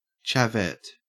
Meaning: A female chav
- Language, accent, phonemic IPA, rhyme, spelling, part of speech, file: English, Australia, /t͡ʃæˈvɛt/, -ɛt, chavette, noun, En-au-chavette.ogg